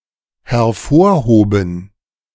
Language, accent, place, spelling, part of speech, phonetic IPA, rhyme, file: German, Germany, Berlin, hervorhoben, verb, [hɛɐ̯ˈfoːɐ̯ˌhoːbn̩], -oːɐ̯hoːbn̩, De-hervorhoben.ogg
- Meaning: first/third-person plural dependent preterite of hervorheben